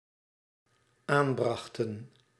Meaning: inflection of aanbrengen: 1. plural dependent-clause past indicative 2. plural dependent-clause past subjunctive
- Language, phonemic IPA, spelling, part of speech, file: Dutch, /ˈambraxtə(n)/, aanbrachten, verb, Nl-aanbrachten.ogg